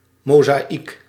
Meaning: mosaic (inlaid artwork)
- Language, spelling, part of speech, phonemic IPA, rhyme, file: Dutch, mozaïek, noun, /ˌmoː.zaːˈik/, -ik, Nl-mozaïek.ogg